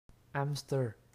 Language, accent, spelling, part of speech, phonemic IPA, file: French, Quebec, hamster, noun, /am.stɚ/, Qc-hamster.ogg
- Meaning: hamster